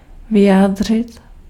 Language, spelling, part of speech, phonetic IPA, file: Czech, vyjádřit, verb, [ˈvɪjaːdr̝ɪt], Cs-vyjádřit.ogg
- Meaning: to express, render, voice